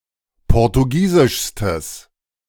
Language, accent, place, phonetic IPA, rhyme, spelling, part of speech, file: German, Germany, Berlin, [ˌpɔʁtuˈɡiːzɪʃstəs], -iːzɪʃstəs, portugiesischstes, adjective, De-portugiesischstes.ogg
- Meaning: strong/mixed nominative/accusative neuter singular superlative degree of portugiesisch